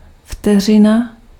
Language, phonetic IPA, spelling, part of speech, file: Czech, [ˈftɛr̝ɪna], vteřina, noun, Cs-vteřina.ogg
- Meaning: 1. arcsecond, second (unit of angle) 2. second (SI unit of time) 3. second (short, indeterminate amount of time)